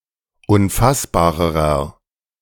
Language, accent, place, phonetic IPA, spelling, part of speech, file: German, Germany, Berlin, [ʊnˈfasbaːʁəʁɐ], unfassbarerer, adjective, De-unfassbarerer.ogg
- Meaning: inflection of unfassbar: 1. strong/mixed nominative masculine singular comparative degree 2. strong genitive/dative feminine singular comparative degree 3. strong genitive plural comparative degree